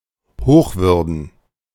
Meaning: Reverend
- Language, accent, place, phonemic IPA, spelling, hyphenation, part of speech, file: German, Germany, Berlin, /ˈhoːxˌvʏʁdn̩/, Hochwürden, Hoch‧wür‧den, noun, De-Hochwürden.ogg